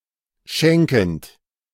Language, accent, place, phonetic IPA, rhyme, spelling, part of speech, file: German, Germany, Berlin, [ˈʃɛŋkn̩t], -ɛŋkn̩t, schenkend, verb, De-schenkend.ogg
- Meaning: present participle of schenken